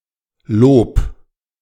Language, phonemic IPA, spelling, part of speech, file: German, /loːp/, Lob, noun, De-Lob.ogg
- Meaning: praise